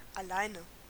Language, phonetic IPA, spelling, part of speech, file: German, [aˈlaɪ̯nə], alleine, adverb, De-alleine.ogg
- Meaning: alternative form of allein